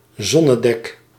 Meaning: 1. sundeck (deck segment of a ship used for sunbathing) 2. halfdeck 3. a sun cover on a ship 4. any sun cover, sunshade
- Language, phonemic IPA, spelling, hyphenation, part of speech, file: Dutch, /ˈzɔ.nəˌdɛk/, zonnedek, zon‧ne‧dek, noun, Nl-zonnedek.ogg